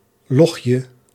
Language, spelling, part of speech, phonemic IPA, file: Dutch, logje, noun, /ˈlɔxjə/, Nl-logje.ogg
- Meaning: diminutive of log